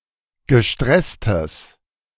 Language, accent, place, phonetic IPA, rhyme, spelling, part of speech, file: German, Germany, Berlin, [ɡəˈʃtʁɛstəs], -ɛstəs, gestresstes, adjective, De-gestresstes.ogg
- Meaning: strong/mixed nominative/accusative neuter singular of gestresst